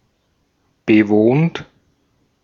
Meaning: 1. inflection of bewohnen: second-person plural present 2. inflection of bewohnen: third-person singular present 3. inflection of bewohnen: plural imperative 4. past participle of bewohnen
- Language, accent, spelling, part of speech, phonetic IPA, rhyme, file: German, Austria, bewohnt, verb, [bəˈvoːnt], -oːnt, De-at-bewohnt.ogg